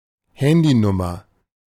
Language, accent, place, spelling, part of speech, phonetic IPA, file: German, Germany, Berlin, Handynummer, noun, [ˈhɛndiˌnʊmɐ], De-Handynummer.ogg
- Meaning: mobile number; mobile phone number